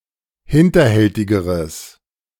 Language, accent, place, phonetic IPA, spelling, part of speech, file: German, Germany, Berlin, [ˈhɪntɐˌhɛltɪɡəʁəs], hinterhältigeres, adjective, De-hinterhältigeres.ogg
- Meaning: strong/mixed nominative/accusative neuter singular comparative degree of hinterhältig